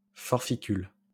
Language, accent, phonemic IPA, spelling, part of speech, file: French, France, /fɔʁ.fi.kyl/, forficule, noun, LL-Q150 (fra)-forficule.wav
- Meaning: earwig